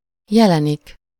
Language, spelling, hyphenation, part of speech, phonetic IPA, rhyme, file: Hungarian, jelenik, je‧le‧nik, verb, [ˈjɛlɛnik], -ɛnik, Hu-jelenik.ogg
- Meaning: only used in megjelenik (“to appear”)